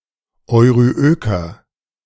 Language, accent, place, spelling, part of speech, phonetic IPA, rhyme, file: German, Germany, Berlin, euryöker, adjective, [ɔɪ̯ʁyˈʔøːkɐ], -øːkɐ, De-euryöker.ogg
- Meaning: inflection of euryök: 1. strong/mixed nominative masculine singular 2. strong genitive/dative feminine singular 3. strong genitive plural